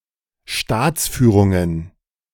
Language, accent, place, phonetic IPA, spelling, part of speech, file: German, Germany, Berlin, [ˈʃtaːt͡sˌfyːʁʊŋən], Staatsführungen, noun, De-Staatsführungen.ogg
- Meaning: plural of Staatsführung